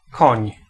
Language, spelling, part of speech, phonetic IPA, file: Polish, koń, noun, [kɔ̃ɲ], Pl-koń.ogg